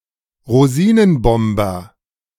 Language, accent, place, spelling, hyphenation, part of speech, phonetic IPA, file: German, Germany, Berlin, Rosinenbomber, Ro‧si‧nen‧bom‧ber, noun, [ʁoˈziːnənˌbɔmbɐ], De-Rosinenbomber.ogg
- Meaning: Candy Bomber, Raisin Bomber (American or British transport aircraft which brought in supplies by airlift to West Berlin during the Soviet Berlin Blockade in 1948/1949)